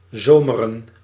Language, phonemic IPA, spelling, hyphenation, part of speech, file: Dutch, /ˈzoː.mə.rə(n)/, zomeren, zo‧me‧ren, verb, Nl-zomeren.ogg
- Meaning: to be or become summery